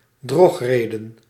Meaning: sophism, fallacy
- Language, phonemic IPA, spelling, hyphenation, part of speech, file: Dutch, /ˈdrɔx.reː.də(n)/, drogreden, drog‧re‧den, noun, Nl-drogreden.ogg